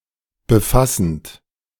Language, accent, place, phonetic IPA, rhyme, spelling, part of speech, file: German, Germany, Berlin, [bəˈfasn̩t], -asn̩t, befassend, verb, De-befassend.ogg
- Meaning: present participle of befassen